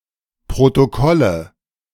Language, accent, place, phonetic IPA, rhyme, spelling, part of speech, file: German, Germany, Berlin, [pʁotoˈkɔlə], -ɔlə, Protokolle, noun, De-Protokolle.ogg
- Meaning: nominative/accusative/genitive plural of Protokoll